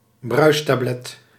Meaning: effervescent tablet
- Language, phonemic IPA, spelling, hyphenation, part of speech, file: Dutch, /ˈbrœy̯s.taːˌblɛt/, bruistablet, bruis‧ta‧blet, noun, Nl-bruistablet.ogg